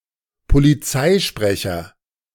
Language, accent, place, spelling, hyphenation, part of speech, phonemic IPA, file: German, Germany, Berlin, Polizeisprecher, Po‧li‧zei‧spre‧cher, noun, /poliˈt͡saɪ̯ˌʃpʁɛçɐ/, De-Polizeisprecher.ogg
- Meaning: police spokesman